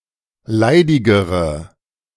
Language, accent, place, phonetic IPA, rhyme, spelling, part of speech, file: German, Germany, Berlin, [ˈlaɪ̯dɪɡəʁə], -aɪ̯dɪɡəʁə, leidigere, adjective, De-leidigere.ogg
- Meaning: inflection of leidig: 1. strong/mixed nominative/accusative feminine singular comparative degree 2. strong nominative/accusative plural comparative degree